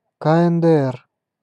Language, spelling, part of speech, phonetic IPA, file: Russian, КНДР, proper noun, [ka ɛn dɛ ˈɛr], Ru-КНДР.ogg